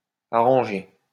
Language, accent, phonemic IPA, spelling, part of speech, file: French, France, /a.ʁɑ̃.ʒe/, arrangé, adjective / verb, LL-Q150 (fra)-arrangé.wav
- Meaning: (adjective) organized, neat; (verb) past participle of arranger